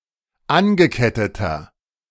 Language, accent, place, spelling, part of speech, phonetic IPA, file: German, Germany, Berlin, angeketteter, adjective, [ˈanɡəˌkɛtətɐ], De-angeketteter.ogg
- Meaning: inflection of angekettet: 1. strong/mixed nominative masculine singular 2. strong genitive/dative feminine singular 3. strong genitive plural